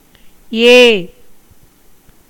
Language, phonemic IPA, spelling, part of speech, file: Tamil, /eː/, ஏ, character / interjection / noun, Ta-ஏ.ogg
- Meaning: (character) The eighth vowel in Tamil; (interjection) exclamation inviting attention; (noun) 1. increase, abundance 2. looking upward 3. pile, row, tier, series 4. pride, arrogance 5. arrow